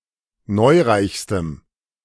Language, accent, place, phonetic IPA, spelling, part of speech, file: German, Germany, Berlin, [ˈnɔɪ̯ˌʁaɪ̯çstəm], neureichstem, adjective, De-neureichstem.ogg
- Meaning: strong dative masculine/neuter singular superlative degree of neureich